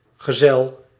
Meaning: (noun) 1. companion 2. journeyman; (adjective) apocopic form of gezellig
- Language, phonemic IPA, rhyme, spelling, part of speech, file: Dutch, /ɣəˈzɛl/, -ɛl, gezel, noun / adjective, Nl-gezel.ogg